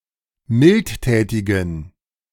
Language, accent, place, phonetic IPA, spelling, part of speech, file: German, Germany, Berlin, [ˈmɪltˌtɛːtɪɡn̩], mildtätigen, adjective, De-mildtätigen.ogg
- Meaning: inflection of mildtätig: 1. strong genitive masculine/neuter singular 2. weak/mixed genitive/dative all-gender singular 3. strong/weak/mixed accusative masculine singular 4. strong dative plural